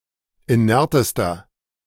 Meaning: inflection of inert: 1. strong/mixed nominative masculine singular superlative degree 2. strong genitive/dative feminine singular superlative degree 3. strong genitive plural superlative degree
- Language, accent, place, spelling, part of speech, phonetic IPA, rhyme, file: German, Germany, Berlin, inertester, adjective, [iˈnɛʁtəstɐ], -ɛʁtəstɐ, De-inertester.ogg